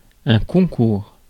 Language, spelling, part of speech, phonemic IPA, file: French, concours, noun / verb, /kɔ̃.kuʁ/, Fr-concours.ogg
- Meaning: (noun) 1. competition; contest; competitive examination 2. concourse, gathering, assemblage, assembly; combination, consolidation, union 3. concurrence; cooperation; participation